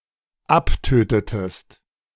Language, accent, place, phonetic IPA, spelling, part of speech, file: German, Germany, Berlin, [ˈapˌtøːtətəst], abtötetest, verb, De-abtötetest.ogg
- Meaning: inflection of abtöten: 1. second-person singular dependent preterite 2. second-person singular dependent subjunctive II